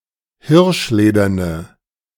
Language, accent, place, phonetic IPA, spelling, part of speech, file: German, Germany, Berlin, [ˈhɪʁʃˌleːdɐnə], hirschlederne, adjective, De-hirschlederne.ogg
- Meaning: inflection of hirschledern: 1. strong/mixed nominative/accusative feminine singular 2. strong nominative/accusative plural 3. weak nominative all-gender singular